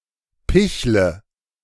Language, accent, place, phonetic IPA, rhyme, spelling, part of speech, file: German, Germany, Berlin, [ˈpɪçlə], -ɪçlə, pichle, verb, De-pichle.ogg
- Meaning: inflection of picheln: 1. first-person singular present 2. first/third-person singular subjunctive I 3. singular imperative